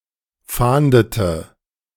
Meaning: inflection of fahnden: 1. first/third-person singular preterite 2. first/third-person singular subjunctive II
- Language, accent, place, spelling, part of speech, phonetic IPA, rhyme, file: German, Germany, Berlin, fahndete, verb, [ˈfaːndətə], -aːndətə, De-fahndete.ogg